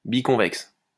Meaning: biconvex
- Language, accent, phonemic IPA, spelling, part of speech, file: French, France, /bi.kɔ̃.vɛks/, biconvexe, adjective, LL-Q150 (fra)-biconvexe.wav